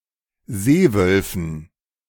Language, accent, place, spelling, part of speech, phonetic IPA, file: German, Germany, Berlin, Seewölfen, noun, [ˈzeːˌvœlfn̩], De-Seewölfen.ogg
- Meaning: dative plural of Seewolf